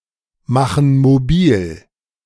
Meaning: inflection of mobilmachen: 1. first/third-person plural present 2. first/third-person plural subjunctive I
- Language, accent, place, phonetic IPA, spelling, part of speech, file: German, Germany, Berlin, [ˌmaxn̩ moˈbiːl], machen mobil, verb, De-machen mobil.ogg